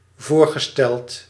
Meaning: past participle of voorstellen
- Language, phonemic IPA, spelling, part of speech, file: Dutch, /ˈvorɣəˌstɛlt/, voorgesteld, verb / adjective, Nl-voorgesteld.ogg